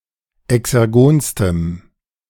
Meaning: strong dative masculine/neuter singular superlative degree of exergon
- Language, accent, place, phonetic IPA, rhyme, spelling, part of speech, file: German, Germany, Berlin, [ɛksɛʁˈɡoːnstəm], -oːnstəm, exergonstem, adjective, De-exergonstem.ogg